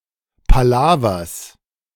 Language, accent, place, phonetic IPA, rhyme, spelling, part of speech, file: German, Germany, Berlin, [paˈlaːvɐs], -aːvɐs, Palavers, noun, De-Palavers.ogg
- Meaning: genitive of Palaver